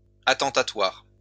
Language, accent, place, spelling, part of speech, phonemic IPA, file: French, France, Lyon, attentatoire, adjective, /a.tɑ̃.ta.twaʁ/, LL-Q150 (fra)-attentatoire.wav
- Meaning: 1. detrimental 2. intrusive